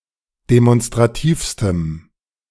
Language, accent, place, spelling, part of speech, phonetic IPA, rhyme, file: German, Germany, Berlin, demonstrativstem, adjective, [demɔnstʁaˈtiːfstəm], -iːfstəm, De-demonstrativstem.ogg
- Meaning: strong dative masculine/neuter singular superlative degree of demonstrativ